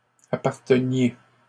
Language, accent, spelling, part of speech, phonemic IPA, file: French, Canada, apparteniez, verb, /a.paʁ.tə.nje/, LL-Q150 (fra)-apparteniez.wav
- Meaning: inflection of appartenir: 1. second-person plural imperfect indicative 2. second-person plural present subjunctive